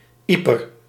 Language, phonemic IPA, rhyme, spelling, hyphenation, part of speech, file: Dutch, /ˈi.pər/, -ipər, Ieper, Ie‧per, proper noun, Nl-Ieper.ogg
- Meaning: Ypres